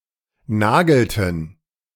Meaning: inflection of nageln: 1. first/third-person plural preterite 2. first/third-person plural subjunctive II
- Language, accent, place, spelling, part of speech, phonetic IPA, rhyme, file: German, Germany, Berlin, nagelten, verb, [ˈnaːɡl̩tn̩], -aːɡl̩tn̩, De-nagelten.ogg